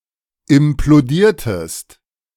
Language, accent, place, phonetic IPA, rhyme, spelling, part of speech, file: German, Germany, Berlin, [ɪmploˈdiːɐ̯təst], -iːɐ̯təst, implodiertest, verb, De-implodiertest.ogg
- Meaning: inflection of implodieren: 1. second-person singular preterite 2. second-person singular subjunctive II